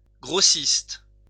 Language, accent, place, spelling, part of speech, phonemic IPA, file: French, France, Lyon, grossiste, noun, /ɡʁo.sist/, LL-Q150 (fra)-grossiste.wav
- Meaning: wholesaler